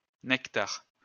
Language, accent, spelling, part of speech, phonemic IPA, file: French, France, nectar, noun, /nɛk.taʁ/, LL-Q150 (fra)-nectar.wav
- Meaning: nectar (all meanings)